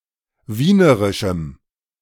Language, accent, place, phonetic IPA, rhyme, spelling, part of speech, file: German, Germany, Berlin, [ˈviːnəʁɪʃm̩], -iːnəʁɪʃm̩, wienerischem, adjective, De-wienerischem.ogg
- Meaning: strong dative masculine/neuter singular of wienerisch